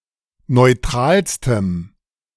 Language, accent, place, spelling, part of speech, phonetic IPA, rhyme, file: German, Germany, Berlin, neutralstem, adjective, [nɔɪ̯ˈtʁaːlstəm], -aːlstəm, De-neutralstem.ogg
- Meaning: strong dative masculine/neuter singular superlative degree of neutral